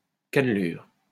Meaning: 1. groove (linear indent) 2. striation (on a plant) 3. flute (on a column)
- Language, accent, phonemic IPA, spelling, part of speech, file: French, France, /kan.lyʁ/, cannelure, noun, LL-Q150 (fra)-cannelure.wav